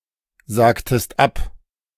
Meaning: inflection of absagen: 1. second-person singular preterite 2. second-person singular subjunctive II
- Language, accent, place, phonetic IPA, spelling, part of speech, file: German, Germany, Berlin, [ˌzaːktəst ˈap], sagtest ab, verb, De-sagtest ab.ogg